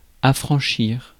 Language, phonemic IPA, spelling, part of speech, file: French, /a.fʁɑ̃.ʃiʁ/, affranchir, verb, Fr-affranchir.ogg
- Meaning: 1. to free, liberate, enfranchise, emancipate 2. to discharge, exempt 3. to prepay (postage), frank (a letter) 4. to pervert 5. to inform 6. to release or free oneself